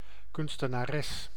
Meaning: artist (female person who creates art)
- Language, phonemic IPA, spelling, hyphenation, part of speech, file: Dutch, /ˌkʏnstənaˈrɛs/, kunstenares, kun‧ste‧na‧res, noun, Nl-kunstenares.ogg